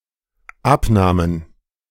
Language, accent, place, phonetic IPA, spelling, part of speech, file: German, Germany, Berlin, [ˈapˌnaːmən], abnahmen, verb, De-abnahmen.ogg
- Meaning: first/third-person plural dependent preterite of abnehmen